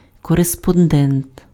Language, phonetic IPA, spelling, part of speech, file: Ukrainian, [kɔrespɔnˈdɛnt], кореспондент, noun, Uk-кореспондент.ogg
- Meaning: correspondent (someone who communicates with another person, or a publication, by writing)